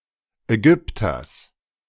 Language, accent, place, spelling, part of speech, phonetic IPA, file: German, Germany, Berlin, Ägypters, noun, [ɛˈɡʏptɐs], De-Ägypters.ogg
- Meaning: genitive singular of Ägypter